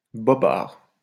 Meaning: fib (a more or less inconsequential lie)
- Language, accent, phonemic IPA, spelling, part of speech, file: French, France, /bɔ.baʁ/, bobard, noun, LL-Q150 (fra)-bobard.wav